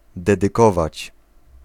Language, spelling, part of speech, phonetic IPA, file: Polish, dedykować, verb, [ˌdɛdɨˈkɔvat͡ɕ], Pl-dedykować.ogg